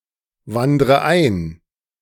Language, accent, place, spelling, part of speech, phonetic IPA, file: German, Germany, Berlin, wandre ein, verb, [ˌvandʁə ˈaɪ̯n], De-wandre ein.ogg
- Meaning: inflection of einwandern: 1. first-person singular present 2. first/third-person singular subjunctive I 3. singular imperative